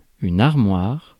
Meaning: 1. wardrobe (British), closet (US), a cabinet, taller than it is wide, for storing things 2. a very stocky man
- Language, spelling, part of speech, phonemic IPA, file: French, armoire, noun, /aʁ.mwaʁ/, Fr-armoire.ogg